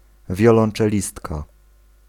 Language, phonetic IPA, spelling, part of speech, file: Polish, [ˌvʲjɔlɔ̃n͇t͡ʃɛˈlʲistka], wiolonczelistka, noun, Pl-wiolonczelistka.ogg